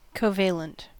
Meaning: Containing or characterized by a covalent bond
- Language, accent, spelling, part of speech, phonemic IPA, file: English, US, covalent, adjective, /koʊˈveɪ.lənt/, En-us-covalent.ogg